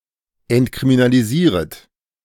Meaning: second-person plural subjunctive I of entkriminalisieren
- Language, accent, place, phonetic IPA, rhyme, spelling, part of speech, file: German, Germany, Berlin, [ɛntkʁiminaliˈziːʁət], -iːʁət, entkriminalisieret, verb, De-entkriminalisieret.ogg